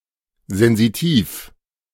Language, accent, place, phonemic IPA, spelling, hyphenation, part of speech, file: German, Germany, Berlin, /zɛnziˈtiːf/, sensitiv, sen‧si‧tiv, adjective, De-sensitiv.ogg
- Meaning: sensitive